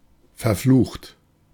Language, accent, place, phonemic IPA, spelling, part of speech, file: German, Germany, Berlin, /fɛɐ̯ˈfluːxt/, verflucht, verb / adjective, De-verflucht.ogg
- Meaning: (verb) past participle of verfluchen; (adjective) 1. cursed 2. damn, damned; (verb) inflection of verfluchen: 1. third-person singular present 2. second-person plural present 3. plural imperative